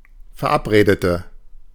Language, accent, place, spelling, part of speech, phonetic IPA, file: German, Germany, Berlin, verabredete, adjective / verb, [fɛɐ̯ˈʔapˌʁeːdətə], De-verabredete.ogg
- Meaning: inflection of verabreden: 1. first/third-person singular preterite 2. first/third-person singular subjunctive II